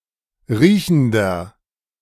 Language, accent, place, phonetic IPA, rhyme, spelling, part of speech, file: German, Germany, Berlin, [ˈʁiːçn̩dɐ], -iːçn̩dɐ, riechender, adjective, De-riechender.ogg
- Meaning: inflection of riechend: 1. strong/mixed nominative masculine singular 2. strong genitive/dative feminine singular 3. strong genitive plural